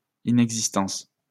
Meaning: inexistence
- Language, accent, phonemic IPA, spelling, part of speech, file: French, France, /i.nɛɡ.zis.tɑ̃s/, inexistence, noun, LL-Q150 (fra)-inexistence.wav